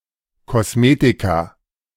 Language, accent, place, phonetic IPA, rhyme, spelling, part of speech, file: German, Germany, Berlin, [kɔsˈmeːtika], -eːtika, Kosmetika, noun, De-Kosmetika.ogg
- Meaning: 1. cosmetics 2. plural of Kosmetikum